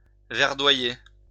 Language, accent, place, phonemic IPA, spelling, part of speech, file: French, France, Lyon, /vɛʁ.dwa.je/, verdoyer, verb, LL-Q150 (fra)-verdoyer.wav
- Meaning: to be/become verdant, green